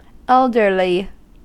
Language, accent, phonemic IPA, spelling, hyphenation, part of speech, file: English, US, /ˈɛldɚli/, elderly, eld‧er‧ly, adjective / noun, En-us-elderly.ogg
- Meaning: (adjective) 1. old; having lived for relatively many years 2. Of an object, being old-fashioned or frail due to aging; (noun) 1. Older people as a whole 2. An elderly person